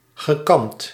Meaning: past participle of kammen
- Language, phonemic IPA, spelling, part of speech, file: Dutch, /ɣəˈkɑmt/, gekamd, verb / adjective, Nl-gekamd.ogg